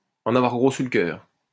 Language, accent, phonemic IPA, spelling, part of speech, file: French, France, /ɑ̃.n‿a.vwaʁ ɡʁo syʁ lə kœʁ/, en avoir gros sur le cœur, verb, LL-Q150 (fra)-en avoir gros sur le cœur.wav
- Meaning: to have a heavy heart, to be sad at heart, to have something weighing on one's heart, to be heavy-hearted